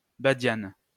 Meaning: star anise
- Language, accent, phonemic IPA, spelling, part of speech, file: French, France, /ba.djan/, badiane, noun, LL-Q150 (fra)-badiane.wav